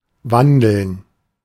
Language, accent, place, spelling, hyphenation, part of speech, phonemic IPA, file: German, Germany, Berlin, wandeln, wan‧deln, verb, /ˈvandl̩n/, De-wandeln.ogg
- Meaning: 1. to wander, to stroll 2. to walk 3. to transform, change 4. to change, transform